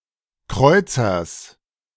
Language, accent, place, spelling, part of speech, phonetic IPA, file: German, Germany, Berlin, Kreuzers, noun, [ˈkʁɔɪ̯t͡sɐs], De-Kreuzers.ogg
- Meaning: genitive singular of Kreuzer